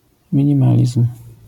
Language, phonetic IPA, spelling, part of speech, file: Polish, [ˌmʲĩɲĩˈmalʲism̥], minimalizm, noun, LL-Q809 (pol)-minimalizm.wav